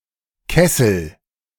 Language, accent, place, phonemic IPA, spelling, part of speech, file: German, Germany, Berlin, /ˈkɛsəl/, Kessel, noun, De-Kessel.ogg
- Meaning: a solid metal container or pot, often large, used to boil liquids: a kettle, cauldron, boiler, etc